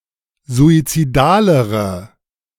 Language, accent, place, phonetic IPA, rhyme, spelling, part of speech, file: German, Germany, Berlin, [zuit͡siˈdaːləʁə], -aːləʁə, suizidalere, adjective, De-suizidalere.ogg
- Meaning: inflection of suizidal: 1. strong/mixed nominative/accusative feminine singular comparative degree 2. strong nominative/accusative plural comparative degree